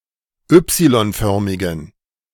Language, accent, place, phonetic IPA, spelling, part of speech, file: German, Germany, Berlin, [ˈʏpsilɔnˌfœʁmɪɡn̩], y-förmigen, adjective, De-y-förmigen.ogg
- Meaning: inflection of y-förmig: 1. strong genitive masculine/neuter singular 2. weak/mixed genitive/dative all-gender singular 3. strong/weak/mixed accusative masculine singular 4. strong dative plural